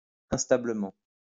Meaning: unstably
- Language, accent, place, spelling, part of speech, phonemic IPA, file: French, France, Lyon, instablement, adverb, /ɛ̃s.ta.blə.mɑ̃/, LL-Q150 (fra)-instablement.wav